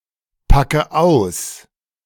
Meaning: inflection of auspacken: 1. first-person singular present 2. first/third-person singular subjunctive I 3. singular imperative
- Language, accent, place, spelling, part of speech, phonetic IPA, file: German, Germany, Berlin, packe aus, verb, [ˌpakə ˈaʊ̯s], De-packe aus.ogg